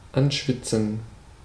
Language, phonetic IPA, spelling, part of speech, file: German, [ˈanˌʃvɪt͡sn̩], anschwitzen, verb, De-anschwitzen.ogg
- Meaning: to sweat (vegetables): to cook (vegetables) in a little fat, butter, or oil at a low temperature